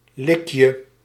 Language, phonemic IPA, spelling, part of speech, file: Dutch, /ˈlɪkjə/, likje, noun, Nl-likje.ogg
- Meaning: diminutive of lik